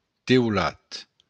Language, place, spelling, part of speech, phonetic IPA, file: Occitan, Béarn, teulat, noun, [tewˈlat], LL-Q14185 (oci)-teulat.wav
- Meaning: roof